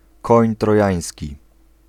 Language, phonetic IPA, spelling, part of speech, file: Polish, [ˈkɔ̃ɲ trɔˈjä̃j̃sʲci], koń trojański, phrase, Pl-koń trojański.ogg